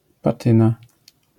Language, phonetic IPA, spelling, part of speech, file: Polish, [paˈtɨ̃na], patyna, noun, LL-Q809 (pol)-patyna.wav